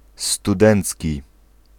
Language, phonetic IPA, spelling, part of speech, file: Polish, [stuˈdɛ̃nt͡sʲci], studencki, adjective, Pl-studencki.ogg